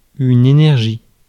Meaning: 1. energy (quantity that denotes the ability to do work) 2. energy, motivation
- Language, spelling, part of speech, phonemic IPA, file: French, énergie, noun, /e.nɛʁ.ʒi/, Fr-énergie.ogg